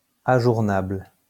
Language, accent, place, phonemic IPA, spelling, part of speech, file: French, France, Lyon, /a.ʒuʁ.nabl/, ajournable, adjective, LL-Q150 (fra)-ajournable.wav
- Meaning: adjournable, postponable